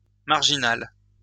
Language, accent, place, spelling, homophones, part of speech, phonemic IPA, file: French, France, Lyon, marginale, marginal / marginales, adjective / noun, /maʁ.ʒi.nal/, LL-Q150 (fra)-marginale.wav
- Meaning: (adjective) feminine singular of marginal; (noun) a woman that chose to live on the fringes of society; dropout, misfit